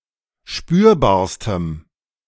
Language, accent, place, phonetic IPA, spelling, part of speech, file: German, Germany, Berlin, [ˈʃpyːɐ̯baːɐ̯stəm], spürbarstem, adjective, De-spürbarstem.ogg
- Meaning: strong dative masculine/neuter singular superlative degree of spürbar